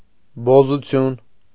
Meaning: prostitution, whoredom
- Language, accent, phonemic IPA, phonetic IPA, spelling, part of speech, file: Armenian, Eastern Armenian, /bozuˈtʰjun/, [bozut͡sʰjún], բոզություն, noun, Hy-բոզություն.ogg